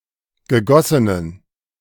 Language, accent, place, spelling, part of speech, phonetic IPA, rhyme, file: German, Germany, Berlin, gegossenen, adjective, [ɡəˈɡɔsənən], -ɔsənən, De-gegossenen.ogg
- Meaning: inflection of gegossen: 1. strong genitive masculine/neuter singular 2. weak/mixed genitive/dative all-gender singular 3. strong/weak/mixed accusative masculine singular 4. strong dative plural